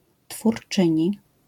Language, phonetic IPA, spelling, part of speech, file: Polish, [tfurˈt͡ʃɨ̃ɲi], twórczyni, noun, LL-Q809 (pol)-twórczyni.wav